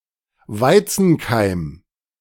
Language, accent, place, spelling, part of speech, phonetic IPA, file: German, Germany, Berlin, Weizenkeim, noun, [ˈvaɪ̯t͡sn̩ˌkaɪ̯m], De-Weizenkeim.ogg
- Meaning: wheat germ